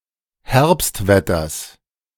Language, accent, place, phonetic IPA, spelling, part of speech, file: German, Germany, Berlin, [ˈhɛʁpstˌvɛtɐs], Herbstwetters, noun, De-Herbstwetters.ogg
- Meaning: genitive singular of Herbstwetter